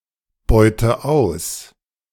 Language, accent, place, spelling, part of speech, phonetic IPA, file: German, Germany, Berlin, beute aus, verb, [ˌbɔɪ̯tə ˈaʊ̯s], De-beute aus.ogg
- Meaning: inflection of ausbeuten: 1. first-person singular present 2. first/third-person singular subjunctive I 3. singular imperative